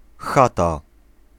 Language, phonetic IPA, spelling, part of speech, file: Polish, [ˈxata], chata, noun, Pl-chata.ogg